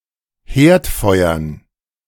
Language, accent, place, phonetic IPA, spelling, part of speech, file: German, Germany, Berlin, [ˈheːɐ̯tˌfɔɪ̯ɐn], Herdfeuern, noun, De-Herdfeuern.ogg
- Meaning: dative plural of Herdfeuer